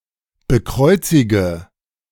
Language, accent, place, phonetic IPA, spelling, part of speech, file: German, Germany, Berlin, [bəˈkʁɔɪ̯t͡sɪɡə], bekreuzige, verb, De-bekreuzige.ogg
- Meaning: inflection of bekreuzigen: 1. first-person singular present 2. first/third-person singular subjunctive I 3. singular imperative